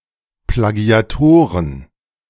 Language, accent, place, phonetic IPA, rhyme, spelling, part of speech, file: German, Germany, Berlin, [plaɡi̯aˈtoːʁən], -oːʁən, Plagiatoren, noun, De-Plagiatoren.ogg
- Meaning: plural of Plagiator